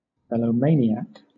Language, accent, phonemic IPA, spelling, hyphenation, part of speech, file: English, Southern England, /ˌmɛlə(ʊ)ˈmeɪnɪak/, melomaniac, me‧lo‧ma‧ni‧ac, noun, LL-Q1860 (eng)-melomaniac.wav
- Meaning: One with an abnormal fondness of music; a person who loves music